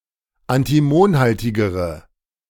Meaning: inflection of antimonhaltig: 1. strong/mixed nominative/accusative feminine singular comparative degree 2. strong nominative/accusative plural comparative degree
- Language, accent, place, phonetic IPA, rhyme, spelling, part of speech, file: German, Germany, Berlin, [antiˈmoːnˌhaltɪɡəʁə], -oːnhaltɪɡəʁə, antimonhaltigere, adjective, De-antimonhaltigere.ogg